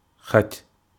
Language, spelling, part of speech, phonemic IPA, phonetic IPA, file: Wolof, xaj, noun, /xaɟ/, [xac], Wo-xaj.ogg
- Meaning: dog